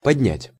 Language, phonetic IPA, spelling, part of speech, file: Russian, [pɐdʲˈnʲætʲ], поднять, verb, Ru-поднять.ogg
- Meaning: to raise, to elevate, to increase